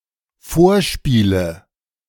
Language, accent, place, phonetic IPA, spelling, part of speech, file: German, Germany, Berlin, [ˈfoːɐ̯ˌʃpiːlə], Vorspiele, noun, De-Vorspiele.ogg
- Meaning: nominative/accusative/genitive plural of Vorspiel